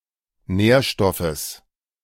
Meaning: genitive singular of Nährstoff
- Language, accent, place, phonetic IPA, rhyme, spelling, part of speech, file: German, Germany, Berlin, [ˈnɛːɐ̯ˌʃtɔfəs], -ɛːɐ̯ʃtɔfəs, Nährstoffes, noun, De-Nährstoffes.ogg